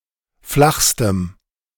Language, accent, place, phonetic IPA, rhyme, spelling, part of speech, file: German, Germany, Berlin, [ˈflaxstəm], -axstəm, flachstem, adjective, De-flachstem.ogg
- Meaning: strong dative masculine/neuter singular superlative degree of flach